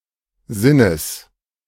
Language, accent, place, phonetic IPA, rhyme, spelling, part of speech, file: German, Germany, Berlin, [ˈzɪnəs], -ɪnəs, Sinnes, noun, De-Sinnes.ogg
- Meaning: genitive singular of Sinn